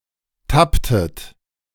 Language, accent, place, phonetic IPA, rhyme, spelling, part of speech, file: German, Germany, Berlin, [ˈtaptət], -aptət, tapptet, verb, De-tapptet.ogg
- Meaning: inflection of tappen: 1. second-person plural preterite 2. second-person plural subjunctive II